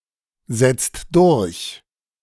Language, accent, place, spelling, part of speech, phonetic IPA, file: German, Germany, Berlin, setzt durch, verb, [ˌzɛt͡st ˈdʊʁç], De-setzt durch.ogg
- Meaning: inflection of durchsetzen: 1. second/third-person singular present 2. second-person plural present 3. plural imperative